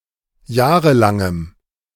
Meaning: strong dative masculine/neuter singular of jahrelang
- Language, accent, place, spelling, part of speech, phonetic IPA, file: German, Germany, Berlin, jahrelangem, adjective, [ˈjaːʁəlaŋəm], De-jahrelangem.ogg